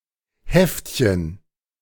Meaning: 1. pamphlet, especially one with lowbrow or sensationalistic content (e.g. comic strips, crime fiction, pornography) 2. diminutive of Heft
- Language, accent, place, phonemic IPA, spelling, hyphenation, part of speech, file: German, Germany, Berlin, /ˈhɛft.çən/, Heftchen, Heft‧chen, noun, De-Heftchen.ogg